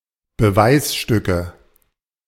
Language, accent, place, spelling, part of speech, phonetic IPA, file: German, Germany, Berlin, Beweisstücke, noun, [bəˈvaɪ̯sˌʃtʏkə], De-Beweisstücke.ogg
- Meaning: nominative/accusative/genitive plural of Beweisstück